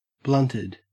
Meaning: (verb) simple past and past participle of blunt; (adjective) high on cannabis
- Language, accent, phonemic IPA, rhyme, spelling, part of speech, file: English, Australia, /ˈblʌntɪd/, -ʌntɪd, blunted, verb / adjective, En-au-blunted.ogg